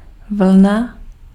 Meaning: 1. wool 2. wave
- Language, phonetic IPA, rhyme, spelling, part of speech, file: Czech, [ˈvl̩na], -l̩na, vlna, noun, Cs-vlna.ogg